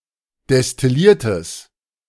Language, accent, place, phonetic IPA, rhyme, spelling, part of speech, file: German, Germany, Berlin, [dɛstɪˈliːɐ̯təs], -iːɐ̯təs, destilliertes, adjective, De-destilliertes.ogg
- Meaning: strong/mixed nominative/accusative neuter singular of destilliert